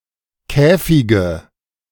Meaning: nominative/accusative/genitive plural of Käfig
- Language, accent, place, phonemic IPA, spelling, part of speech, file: German, Germany, Berlin, /ˈkɛːfɪɡə/, Käfige, noun, De-Käfige.ogg